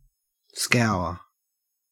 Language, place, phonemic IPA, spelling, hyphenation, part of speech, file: English, Queensland, /skæɔə/, scour, scour, verb / noun, En-au-scour.ogg
- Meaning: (verb) To clean, polish, or wash (something) by rubbing and scrubbing it vigorously, frequently with an abrasive or cleaning agent